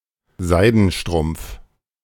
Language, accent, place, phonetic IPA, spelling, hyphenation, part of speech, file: German, Germany, Berlin, [ˈzaɪ̯dn̩ˌʃtʁʊmp͡f], Seidenstrumpf, Sei‧den‧strumpf, noun, De-Seidenstrumpf.ogg
- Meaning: silk stocking